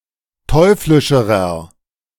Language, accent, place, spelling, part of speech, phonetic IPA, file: German, Germany, Berlin, teuflischerer, adjective, [ˈtɔɪ̯flɪʃəʁɐ], De-teuflischerer.ogg
- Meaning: inflection of teuflisch: 1. strong/mixed nominative masculine singular comparative degree 2. strong genitive/dative feminine singular comparative degree 3. strong genitive plural comparative degree